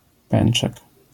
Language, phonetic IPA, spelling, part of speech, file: Polish, [ˈpɛ̃n͇t͡ʃɛk], pęczek, noun, LL-Q809 (pol)-pęczek.wav